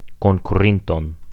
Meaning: accusative singular past nominal active participle of konkuri
- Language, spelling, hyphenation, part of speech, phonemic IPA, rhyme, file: Esperanto, konkurinton, kon‧ku‧rin‧ton, noun, /kon.kuˈrin.ton/, -inton, Eo-konkurinton.ogg